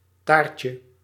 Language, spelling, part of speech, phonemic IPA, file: Dutch, taartje, noun, /ˈtarcə/, Nl-taartje.ogg
- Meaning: diminutive of taart